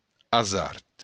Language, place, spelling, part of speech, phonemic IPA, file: Occitan, Béarn, azard, noun, /aˈzaɾt/, LL-Q14185 (oci)-azard.wav
- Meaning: 1. hazard, chance, fortuity 2. danger, risk, hazard